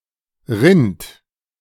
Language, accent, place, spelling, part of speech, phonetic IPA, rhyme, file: German, Germany, Berlin, rinnt, verb, [ʁɪnt], -ɪnt, De-rinnt.ogg
- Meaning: second-person plural present of rinnen